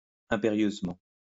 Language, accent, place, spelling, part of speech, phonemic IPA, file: French, France, Lyon, impérieusement, adverb, /ɛ̃.pe.ʁjøz.mɑ̃/, LL-Q150 (fra)-impérieusement.wav
- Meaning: 1. imperiously 2. masterfully